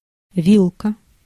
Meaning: 1. fork 2. plug (with two or more prongs) 3. bracket (the zone between a long and a short shot impact) 4. band, range (of prices, values, etc.)
- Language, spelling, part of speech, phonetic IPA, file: Russian, вилка, noun, [ˈvʲiɫkə], Ru-вилка.ogg